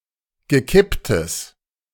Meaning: strong/mixed nominative/accusative neuter singular of gekippt
- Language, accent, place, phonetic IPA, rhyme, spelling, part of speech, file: German, Germany, Berlin, [ɡəˈkɪptəs], -ɪptəs, gekipptes, adjective, De-gekipptes.ogg